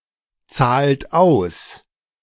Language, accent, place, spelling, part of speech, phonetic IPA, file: German, Germany, Berlin, zahlt aus, verb, [ˌt͡saːlt ˈaʊ̯s], De-zahlt aus.ogg
- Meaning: inflection of auszahlen: 1. third-person singular present 2. second-person plural present 3. plural imperative